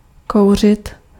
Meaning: 1. to smoke (to deliberately inhale smoke) 2. to smoke (to give off smoke) 3. to give a blowjob
- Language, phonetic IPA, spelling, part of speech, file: Czech, [ˈkou̯r̝ɪt], kouřit, verb, Cs-kouřit.ogg